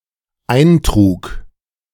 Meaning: first/third-person singular dependent preterite of eintragen
- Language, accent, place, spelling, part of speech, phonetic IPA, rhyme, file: German, Germany, Berlin, eintrug, verb, [ˈaɪ̯nˌtʁuːk], -aɪ̯ntʁuːk, De-eintrug.ogg